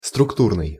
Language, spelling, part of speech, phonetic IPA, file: Russian, структурный, adjective, [strʊkˈturnɨj], Ru-структурный.ogg
- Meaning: structural